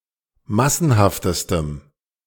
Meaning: strong dative masculine/neuter singular superlative degree of massenhaft
- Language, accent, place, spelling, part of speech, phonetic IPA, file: German, Germany, Berlin, massenhaftestem, adjective, [ˈmasn̩haftəstəm], De-massenhaftestem.ogg